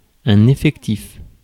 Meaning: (noun) 1. number of members of a group 2. lineup (of a team); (adjective) real, actual
- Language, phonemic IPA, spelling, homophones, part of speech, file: French, /e.fɛk.tif/, effectif, effectifs, noun / adjective, Fr-effectif.ogg